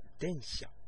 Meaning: 1. an electric multiple unit train 2. any train, regardless of power source
- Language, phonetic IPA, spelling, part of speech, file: Japanese, [dẽ̞ɰ̃ɕa̠], 電車, noun, Ja-Densha 2.oga